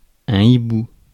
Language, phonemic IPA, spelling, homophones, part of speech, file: French, /i.bu/, hibou, hiboux, noun, Fr-hibou.ogg
- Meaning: owl (specifically, those species of owls with ear tufts; those without ear tufts are chouettes)